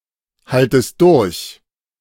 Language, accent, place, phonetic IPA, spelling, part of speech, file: German, Germany, Berlin, [ˌhaltəst ˈdʊʁç], haltest durch, verb, De-haltest durch.ogg
- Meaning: second-person singular subjunctive I of durchhalten